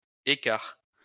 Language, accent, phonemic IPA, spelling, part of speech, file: French, France, /e.kaʁ/, écart, noun, LL-Q150 (fra)-écart.wav
- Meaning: 1. space, gap, interval, distance 2. difference (between numbers) 3. discrepancy, disparity (between excuses, explanations) 4. discard 5. hamlet